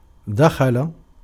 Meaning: 1. to enter, go in, come in 2. to penetrate, to pierce 3. to befall, to seize, to come over (someone) (e.g. of a doubt, joy, etc.) 4. to take up (a profession, etc.), to start
- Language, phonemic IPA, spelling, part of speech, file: Arabic, /da.xa.la/, دخل, verb, Ar-دخل.ogg